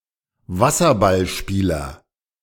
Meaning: water polo player (male or of unspecified sex)
- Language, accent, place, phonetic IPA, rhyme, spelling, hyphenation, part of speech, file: German, Germany, Berlin, [ˈvasɐbalˌʃpiːlɐ], -iːlɐ, Wasserballspieler, Was‧ser‧ball‧spie‧ler, noun, De-Wasserballspieler.ogg